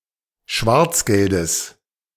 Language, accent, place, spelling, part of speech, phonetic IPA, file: German, Germany, Berlin, Schwarzgeldes, noun, [ˈʃvaʁt͡sˌɡɛldəs], De-Schwarzgeldes.ogg
- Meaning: genitive singular of Schwarzgeld